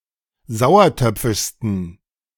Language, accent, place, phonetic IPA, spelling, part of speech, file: German, Germany, Berlin, [ˈzaʊ̯ɐˌtœp͡fɪʃstn̩], sauertöpfischsten, adjective, De-sauertöpfischsten.ogg
- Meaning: 1. superlative degree of sauertöpfisch 2. inflection of sauertöpfisch: strong genitive masculine/neuter singular superlative degree